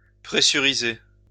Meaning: to pressurize (an aircraft, etc.)
- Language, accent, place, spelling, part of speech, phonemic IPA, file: French, France, Lyon, pressuriser, verb, /pʁe.sy.ʁi.ze/, LL-Q150 (fra)-pressuriser.wav